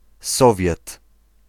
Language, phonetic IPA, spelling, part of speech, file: Polish, [ˈsɔvʲjɛt], Sowiet, noun, Pl-Sowiet.ogg